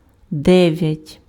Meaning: nine
- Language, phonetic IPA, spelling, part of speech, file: Ukrainian, [ˈdɛʋjɐtʲ], дев'ять, numeral, Uk-дев'ять.ogg